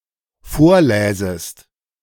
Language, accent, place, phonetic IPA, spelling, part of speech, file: German, Germany, Berlin, [ˈfoːɐ̯ˌlɛːzəst], vorläsest, verb, De-vorläsest.ogg
- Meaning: second-person singular dependent subjunctive II of vorlesen